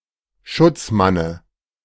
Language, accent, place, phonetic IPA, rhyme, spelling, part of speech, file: German, Germany, Berlin, [ˈʃʊt͡sˌmanə], -ʊt͡smanə, Schutzmanne, noun, De-Schutzmanne.ogg
- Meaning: dative of Schutzmann